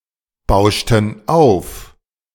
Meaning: inflection of aufbauschen: 1. first/third-person plural preterite 2. first/third-person plural subjunctive II
- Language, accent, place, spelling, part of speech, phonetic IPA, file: German, Germany, Berlin, bauschten auf, verb, [ˌbaʊ̯ʃtn̩ ˈaʊ̯f], De-bauschten auf.ogg